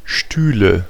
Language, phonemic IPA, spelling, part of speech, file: German, /ˈʃtyːlə/, Stühle, noun, De-Stühle.ogg
- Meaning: nominative/accusative/genitive plural of Stuhl (“chair”)